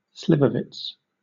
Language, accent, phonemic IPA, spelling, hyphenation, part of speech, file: English, Southern England, /ˈslɪvəvɪts/, slivovitz, sli‧vo‧vitz, noun, LL-Q1860 (eng)-slivovitz.wav
- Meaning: 1. A type of rakija made mostly in Eastern European countries from distilled, fermented plum juice 2. A serving of this alcoholic drink